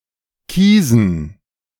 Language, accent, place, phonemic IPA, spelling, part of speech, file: German, Germany, Berlin, /ˈkiːzən/, kiesen, verb, De-kiesen.ogg
- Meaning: to choose; to select